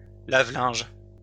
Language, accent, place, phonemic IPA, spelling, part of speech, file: French, France, Lyon, /la.vlɛ̃ʒ/, lave-linges, noun, LL-Q150 (fra)-lave-linges.wav
- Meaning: plural of lave-linge